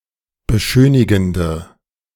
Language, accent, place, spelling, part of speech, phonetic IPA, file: German, Germany, Berlin, beschönigende, adjective, [bəˈʃøːnɪɡn̩də], De-beschönigende.ogg
- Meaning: inflection of beschönigend: 1. strong/mixed nominative/accusative feminine singular 2. strong nominative/accusative plural 3. weak nominative all-gender singular